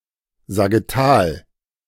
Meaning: sagittal
- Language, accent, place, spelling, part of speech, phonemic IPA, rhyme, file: German, Germany, Berlin, sagittal, adjective, /zaɡɪˈtaːl/, -aːl, De-sagittal.ogg